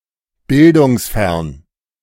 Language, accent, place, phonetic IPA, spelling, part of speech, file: German, Germany, Berlin, [ˈbɪldʊŋsˌfɛɐ̯n], bildungsfern, adjective, De-bildungsfern.ogg
- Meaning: uneducated